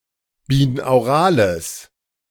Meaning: strong/mixed nominative/accusative neuter singular of binaural
- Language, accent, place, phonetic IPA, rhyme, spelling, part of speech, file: German, Germany, Berlin, [biːnaʊ̯ˈʁaːləs], -aːləs, binaurales, adjective, De-binaurales.ogg